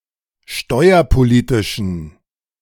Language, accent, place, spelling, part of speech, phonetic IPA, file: German, Germany, Berlin, steuerpolitischen, adjective, [ˈʃtɔɪ̯ɐpoˌliːtɪʃn̩], De-steuerpolitischen.ogg
- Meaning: inflection of steuerpolitisch: 1. strong genitive masculine/neuter singular 2. weak/mixed genitive/dative all-gender singular 3. strong/weak/mixed accusative masculine singular 4. strong dative plural